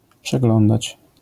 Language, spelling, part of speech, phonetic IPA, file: Polish, przeglądać, verb, [pʃɛˈɡlɔ̃ndat͡ɕ], LL-Q809 (pol)-przeglądać.wav